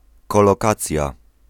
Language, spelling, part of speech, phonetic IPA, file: Polish, kolokacja, noun, [ˌkɔlɔˈkat͡sʲja], Pl-kolokacja.ogg